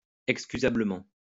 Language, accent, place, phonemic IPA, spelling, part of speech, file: French, France, Lyon, /ɛk.sky.za.blə.mɑ̃/, excusablement, adverb, LL-Q150 (fra)-excusablement.wav
- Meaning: excusably